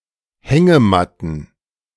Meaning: plural of Hängematte
- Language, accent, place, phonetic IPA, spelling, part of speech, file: German, Germany, Berlin, [ˈhɛŋəˌmatn̩], Hängematten, noun, De-Hängematten.ogg